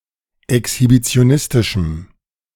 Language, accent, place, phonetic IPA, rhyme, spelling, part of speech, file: German, Germany, Berlin, [ɛkshibit͡si̯oˈnɪstɪʃm̩], -ɪstɪʃm̩, exhibitionistischem, adjective, De-exhibitionistischem.ogg
- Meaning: strong dative masculine/neuter singular of exhibitionistisch